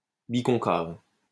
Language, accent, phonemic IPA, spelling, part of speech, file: French, France, /bi.kɔ̃.kav/, biconcave, adjective, LL-Q150 (fra)-biconcave.wav
- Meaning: biconcave